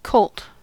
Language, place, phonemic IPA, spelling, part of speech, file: English, California, /koʊlt/, colt, noun / verb, En-us-colt.ogg
- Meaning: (noun) 1. A young male horse 2. A young crane (bird) 3. A youthful or inexperienced person; a novice 4. A youthful or inexperienced person; a novice.: A professional cricketer during his first season